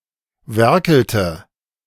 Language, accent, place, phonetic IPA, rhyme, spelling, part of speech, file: German, Germany, Berlin, [ˈvɛʁkl̩tə], -ɛʁkl̩tə, werkelte, verb, De-werkelte.ogg
- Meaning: inflection of werkeln: 1. first/third-person singular preterite 2. first/third-person singular subjunctive II